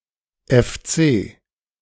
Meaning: initialism of Fußballclub (“football club”)
- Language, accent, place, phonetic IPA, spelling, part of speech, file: German, Germany, Berlin, [ɛfˈt͡seː], FC, abbreviation, De-FC.ogg